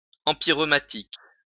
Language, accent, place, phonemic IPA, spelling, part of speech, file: French, France, Lyon, /ɑ̃.pi.ʁø.ma.tik/, empyreumatique, adjective, LL-Q150 (fra)-empyreumatique.wav
- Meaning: empyreumatic